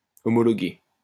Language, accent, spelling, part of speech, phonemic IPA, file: French, France, homologuer, verb, /ɔ.mɔ.lɔ.ɡe/, LL-Q150 (fra)-homologuer.wav
- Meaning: to officially recognize, ratify